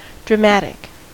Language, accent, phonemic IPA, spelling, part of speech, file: English, US, /dɹəˈmætɪk/, dramatic, adjective, En-us-dramatic.ogg
- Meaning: 1. Of or relating to the drama 2. Striking in appearance or effect 3. Having a powerful, expressive singing voice 4. Tending to exaggerate in order to get attention